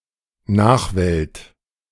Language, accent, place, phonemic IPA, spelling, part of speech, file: German, Germany, Berlin, /ˈnaːχˌvɛlt/, Nachwelt, noun, De-Nachwelt2.ogg
- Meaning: posterity (all the future generations)